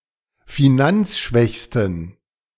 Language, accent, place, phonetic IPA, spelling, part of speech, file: German, Germany, Berlin, [fiˈnant͡sˌʃvɛçstn̩], finanzschwächsten, adjective, De-finanzschwächsten.ogg
- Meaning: superlative degree of finanzschwach